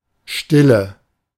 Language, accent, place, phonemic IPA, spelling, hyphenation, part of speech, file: German, Germany, Berlin, /ˈʃtɪlə/, Stille, Stil‧le, noun, De-Stille.ogg
- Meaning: stillness, silence